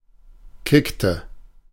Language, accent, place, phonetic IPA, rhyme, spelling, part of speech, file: German, Germany, Berlin, [ˈkɪktə], -ɪktə, kickte, verb, De-kickte.ogg
- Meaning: inflection of kicken: 1. first/third-person singular preterite 2. first/third-person singular subjunctive II